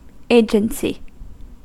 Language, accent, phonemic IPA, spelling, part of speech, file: English, US, /ˈeɪ.d͡ʒən.si/, agency, noun, En-us-agency.ogg
- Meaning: 1. The capacity, condition, or state of acting or of exerting power 2. The capacity of individuals to act independently and to make their own free choices